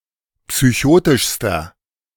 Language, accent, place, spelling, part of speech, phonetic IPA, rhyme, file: German, Germany, Berlin, psychotischster, adjective, [psyˈçoːtɪʃstɐ], -oːtɪʃstɐ, De-psychotischster.ogg
- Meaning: inflection of psychotisch: 1. strong/mixed nominative masculine singular superlative degree 2. strong genitive/dative feminine singular superlative degree 3. strong genitive plural superlative degree